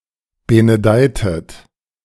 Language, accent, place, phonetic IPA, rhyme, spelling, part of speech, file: German, Germany, Berlin, [ˌbenəˈdaɪ̯tət], -aɪ̯tət, benedeitet, verb, De-benedeitet.ogg
- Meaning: inflection of benedeien: 1. second-person plural preterite 2. second-person plural subjunctive II